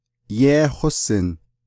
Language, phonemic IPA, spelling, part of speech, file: Navajo, /jéːhósɪ̀n/, yééhósin, verb, Nv-yééhósin.ogg
- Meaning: to know (a person), know it, know something, get acquainted with